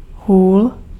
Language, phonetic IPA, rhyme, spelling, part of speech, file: Czech, [ˈɦuːl], -uːl, hůl, noun, Cs-hůl.ogg
- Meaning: 1. stick, staff (cane or walking stick) 2. stick, club (implement used to control a ball or puck): hockey stick 3. stick, club (implement used to control a ball or puck): lacrosse stick